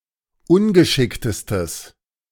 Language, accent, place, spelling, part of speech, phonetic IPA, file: German, Germany, Berlin, ungeschicktestes, adjective, [ˈʊnɡəˌʃɪktəstəs], De-ungeschicktestes.ogg
- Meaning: strong/mixed nominative/accusative neuter singular superlative degree of ungeschickt